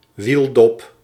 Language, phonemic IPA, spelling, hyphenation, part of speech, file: Dutch, /ˈʋil.dɔp/, wieldop, wiel‧dop, noun, Nl-wieldop.ogg
- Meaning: wheel cover, hubcap